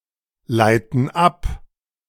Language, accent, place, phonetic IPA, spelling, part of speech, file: German, Germany, Berlin, [ˌlaɪ̯tn̩ ˈap], leiten ab, verb, De-leiten ab.ogg
- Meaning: inflection of ableiten: 1. first/third-person plural present 2. first/third-person plural subjunctive I